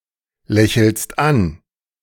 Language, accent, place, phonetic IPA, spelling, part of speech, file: German, Germany, Berlin, [ˌlɛçl̩st ˈan], lächelst an, verb, De-lächelst an.ogg
- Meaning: second-person singular present of anlächeln